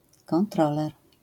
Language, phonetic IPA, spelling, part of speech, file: Polish, [kɔ̃nˈtrɔlɛr], kontroler, noun, LL-Q809 (pol)-kontroler.wav